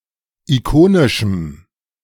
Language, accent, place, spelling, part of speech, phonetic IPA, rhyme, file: German, Germany, Berlin, ikonischem, adjective, [iˈkoːnɪʃm̩], -oːnɪʃm̩, De-ikonischem.ogg
- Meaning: strong dative masculine/neuter singular of ikonisch